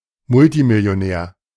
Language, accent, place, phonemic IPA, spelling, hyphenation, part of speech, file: German, Germany, Berlin, /ˈmʊltimɪli̯oˌnɛːɐ̯/, Multimillionär, Mul‧ti‧mil‧li‧o‧när, noun, De-Multimillionär.ogg
- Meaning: multimillionaire